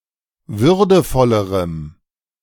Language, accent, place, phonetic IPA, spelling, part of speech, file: German, Germany, Berlin, [ˈvʏʁdəfɔləʁəm], würdevollerem, adjective, De-würdevollerem.ogg
- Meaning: strong dative masculine/neuter singular comparative degree of würdevoll